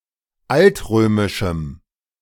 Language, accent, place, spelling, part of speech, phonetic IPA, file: German, Germany, Berlin, altrömischem, adjective, [ˈaltˌʁøːmɪʃm̩], De-altrömischem.ogg
- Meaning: strong dative masculine/neuter singular of altrömisch